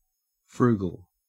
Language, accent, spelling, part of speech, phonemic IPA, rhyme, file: English, Australia, frugal, adjective, /ˈfɹuːɡəl/, -uːɡəl, En-au-frugal.ogg
- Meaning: 1. Careful or wise in expenditure; avoiding waste 2. Obtained by or characterized by frugality